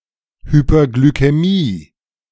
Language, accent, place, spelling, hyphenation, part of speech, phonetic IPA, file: German, Germany, Berlin, Hyperglykämie, Hy‧per‧gly‧k‧ä‧mie, noun, [hyːpɐɡlykɛˈmiː], De-Hyperglykämie.ogg
- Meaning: hyperglycemia